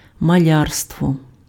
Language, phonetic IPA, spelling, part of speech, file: Ukrainian, [mɐˈlʲarstwɔ], малярство, noun, Uk-малярство.ogg
- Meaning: painting (artform involving the use of paint)